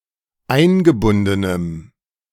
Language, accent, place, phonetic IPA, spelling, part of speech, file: German, Germany, Berlin, [ˈaɪ̯nɡəˌbʊndənəm], eingebundenem, adjective, De-eingebundenem.ogg
- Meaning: strong dative masculine/neuter singular of eingebunden